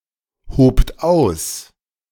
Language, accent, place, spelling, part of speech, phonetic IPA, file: German, Germany, Berlin, hobt aus, verb, [ˌhoːpt ˈaʊ̯s], De-hobt aus.ogg
- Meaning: second-person plural preterite of ausheben